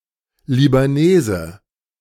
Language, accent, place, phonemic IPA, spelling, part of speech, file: German, Germany, Berlin, /libaˈneːzə/, Libanese, noun, De-Libanese.ogg
- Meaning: 1. Lebanese (a person from Lebanon) 2. Lebanese (a male person from Lebanon)